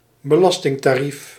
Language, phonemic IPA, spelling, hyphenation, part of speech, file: Dutch, /bəˈlɑs.tɪŋ.taːˌrif/, belastingtarief, be‧las‧ting‧ta‧rief, noun, Nl-belastingtarief.ogg
- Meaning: tax rate